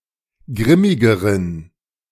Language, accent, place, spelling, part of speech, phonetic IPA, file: German, Germany, Berlin, grimmigeren, adjective, [ˈɡʁɪmɪɡəʁən], De-grimmigeren.ogg
- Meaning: inflection of grimmig: 1. strong genitive masculine/neuter singular comparative degree 2. weak/mixed genitive/dative all-gender singular comparative degree